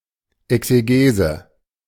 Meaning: exegesis (formal written exposition or explanatory essay)
- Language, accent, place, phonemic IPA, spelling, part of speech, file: German, Germany, Berlin, /ˌɛksəˈɡeːzə/, Exegese, noun, De-Exegese.ogg